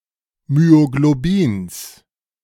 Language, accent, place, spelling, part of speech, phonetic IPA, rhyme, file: German, Germany, Berlin, Myoglobins, noun, [myoɡloˈbiːns], -iːns, De-Myoglobins.ogg
- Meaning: genitive singular of Myoglobin